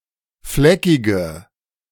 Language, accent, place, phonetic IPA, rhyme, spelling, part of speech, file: German, Germany, Berlin, [ˈflɛkɪɡə], -ɛkɪɡə, fleckige, adjective, De-fleckige.ogg
- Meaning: inflection of fleckig: 1. strong/mixed nominative/accusative feminine singular 2. strong nominative/accusative plural 3. weak nominative all-gender singular 4. weak accusative feminine/neuter singular